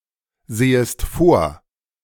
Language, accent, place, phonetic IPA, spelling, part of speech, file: German, Germany, Berlin, [ˌzeːəst ˈfoːɐ̯], sehest vor, verb, De-sehest vor.ogg
- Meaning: second-person singular subjunctive I of vorsehen